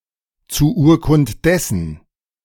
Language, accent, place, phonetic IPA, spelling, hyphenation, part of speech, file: German, Germany, Berlin, [t͡suː ˈʔuːɐ̯kʊnt ˌdɛsn̩], zu Urkund dessen, zu Ur‧kund des‧sen, phrase, De-zu Urkund dessen.ogg
- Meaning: in witness whereof